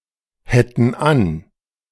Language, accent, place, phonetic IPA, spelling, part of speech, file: German, Germany, Berlin, [ˌhɛtn̩ ˈan], hätten an, verb, De-hätten an.ogg
- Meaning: first-person plural subjunctive II of anhaben